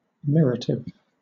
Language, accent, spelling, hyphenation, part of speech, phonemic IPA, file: English, Southern England, mirative, mi‧rat‧ive, noun / adjective, /ˈmɪɹətɪv/, LL-Q1860 (eng)-mirative.wav
- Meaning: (noun) 1. A grammatical mood that expresses (surprise at) unexpected revelations or new information 2. (An instance of) a form of a word which conveys this mood